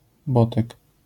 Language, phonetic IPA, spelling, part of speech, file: Polish, [ˈbɔtɛk], botek, noun, LL-Q809 (pol)-botek.wav